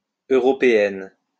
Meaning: feminine plural of européen
- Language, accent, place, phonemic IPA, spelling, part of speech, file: French, France, Lyon, /ø.ʁɔ.pe.ɛn/, européennes, adjective, LL-Q150 (fra)-européennes.wav